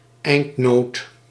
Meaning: an endnote
- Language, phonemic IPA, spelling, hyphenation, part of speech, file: Dutch, /ˈɛi̯nt.noːt/, eindnoot, eind‧noot, noun, Nl-eindnoot.ogg